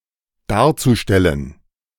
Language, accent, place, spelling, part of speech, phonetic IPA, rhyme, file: German, Germany, Berlin, darzustellen, verb, [ˈdaːɐ̯t͡suˌʃtɛlən], -aːɐ̯t͡suʃtɛlən, De-darzustellen.ogg
- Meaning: zu-infinitive of darstellen